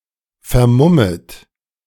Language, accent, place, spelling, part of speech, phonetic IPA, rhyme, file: German, Germany, Berlin, vermummet, verb, [fɛɐ̯ˈmʊmət], -ʊmət, De-vermummet.ogg
- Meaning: second-person plural subjunctive I of vermummen